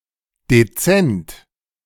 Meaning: 1. discreet; tactful 2. unobtrusive; inconspicuous 3. unobtrusive; decent (neither gaudy nor alluring)
- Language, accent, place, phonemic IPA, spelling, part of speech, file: German, Germany, Berlin, /deˈtsɛnt/, dezent, adjective, De-dezent.ogg